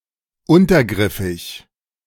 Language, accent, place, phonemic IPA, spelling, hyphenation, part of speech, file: German, Germany, Berlin, /ˈʊntɐˌɡʁɪfɪç/, untergriffig, un‧ter‧grif‧fig, adjective, De-untergriffig.ogg
- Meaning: biased, not impartial